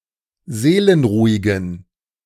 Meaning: inflection of seelenruhig: 1. strong genitive masculine/neuter singular 2. weak/mixed genitive/dative all-gender singular 3. strong/weak/mixed accusative masculine singular 4. strong dative plural
- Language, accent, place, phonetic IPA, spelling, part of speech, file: German, Germany, Berlin, [ˈzeːlənˌʁuːɪɡn̩], seelenruhigen, adjective, De-seelenruhigen.ogg